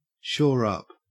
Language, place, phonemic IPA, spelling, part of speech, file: English, Queensland, /ʃoːˈɹ‿ɐp/, shore up, verb, En-au-shore up.ogg
- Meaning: To reinforce or strengthen (something at risk of failure)